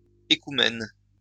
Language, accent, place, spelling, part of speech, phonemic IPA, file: French, France, Lyon, écoumène, noun, /e.ku.mɛn/, LL-Q150 (fra)-écoumène.wav
- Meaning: ecumene